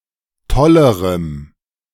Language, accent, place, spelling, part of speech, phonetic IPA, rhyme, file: German, Germany, Berlin, tollerem, adjective, [ˈtɔləʁəm], -ɔləʁəm, De-tollerem.ogg
- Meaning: strong dative masculine/neuter singular comparative degree of toll